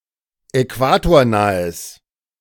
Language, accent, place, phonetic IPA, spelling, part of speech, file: German, Germany, Berlin, [ɛˈkvaːtoːɐ̯ˌnaːəs], äquatornahes, adjective, De-äquatornahes.ogg
- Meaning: strong/mixed nominative/accusative neuter singular of äquatornah